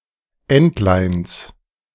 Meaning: genitive of Entlein
- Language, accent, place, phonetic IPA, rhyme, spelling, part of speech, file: German, Germany, Berlin, [ˈɛntlaɪ̯ns], -ɛntlaɪ̯ns, Entleins, noun, De-Entleins.ogg